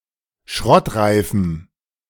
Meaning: strong dative masculine/neuter singular of schrottreif
- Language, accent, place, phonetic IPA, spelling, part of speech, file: German, Germany, Berlin, [ˈʃʁɔtˌʁaɪ̯fm̩], schrottreifem, adjective, De-schrottreifem.ogg